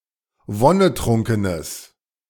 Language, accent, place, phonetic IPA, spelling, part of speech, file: German, Germany, Berlin, [ˈvɔnəˌtʁʊŋkənəs], wonnetrunkenes, adjective, De-wonnetrunkenes.ogg
- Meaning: strong/mixed nominative/accusative neuter singular of wonnetrunken